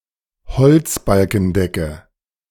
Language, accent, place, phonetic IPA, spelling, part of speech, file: German, Germany, Berlin, [bəˌt͡siːə ˈaɪ̯n], beziehe ein, verb, De-beziehe ein.ogg
- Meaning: inflection of einbeziehen: 1. first-person singular present 2. first/third-person singular subjunctive I 3. singular imperative